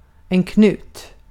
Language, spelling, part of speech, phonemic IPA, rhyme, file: Swedish, knut, noun, /ˈknʉːt/, -ʉːt, Sv-knut.ogg
- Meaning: 1. a knot (loop, of for example a piece of string) 2. an exterior corner of a (wooden) building 3. very close to the house, on one's doorstep